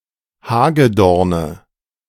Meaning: nominative/accusative/genitive plural of Hagedorn
- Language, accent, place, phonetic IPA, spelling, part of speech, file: German, Germany, Berlin, [ˈhaːɡəˌdɔʁnə], Hagedorne, noun, De-Hagedorne.ogg